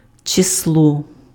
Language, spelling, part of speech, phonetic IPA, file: Ukrainian, число, noun, [t͡ʃesˈɫɔ], Uk-число.ogg
- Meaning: 1. A number or quantity 2. The day of a month; a date